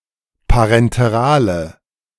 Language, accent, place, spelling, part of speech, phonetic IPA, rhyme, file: German, Germany, Berlin, parenterale, adjective, [paʁɛnteˈʁaːlə], -aːlə, De-parenterale.ogg
- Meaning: inflection of parenteral: 1. strong/mixed nominative/accusative feminine singular 2. strong nominative/accusative plural 3. weak nominative all-gender singular